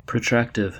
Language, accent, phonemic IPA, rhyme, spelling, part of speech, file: English, US, /pɹəˈtɹæktɪv/, -æktɪv, protractive, adjective, En-us-protractive.ogg
- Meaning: 1. Drawing out or lengthening in time; prolonging; continuing or delaying 2. Indicating an action or state that is ongoing or sustained 3. Extending forward or projecting outward